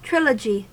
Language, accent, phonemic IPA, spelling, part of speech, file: English, US, /ˈtɹɪləd͡ʒi/, trilogy, noun, En-us-trilogy.ogg
- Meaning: A set of three connected works—usually dramas, literary pieces, films, or musical compositions—all related by theme, characters, or setting